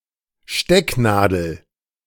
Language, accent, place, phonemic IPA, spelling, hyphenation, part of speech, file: German, Germany, Berlin, /ˈʃtɛknaːdl̩/, Stecknadel, Steck‧na‧del, noun, De-Stecknadel.ogg
- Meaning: pin (small needle with no eye)